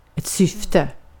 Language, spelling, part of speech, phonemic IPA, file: Swedish, syfte, noun, /²sʏftɛ/, Sv-syfte.ogg
- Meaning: 1. intention 2. purpose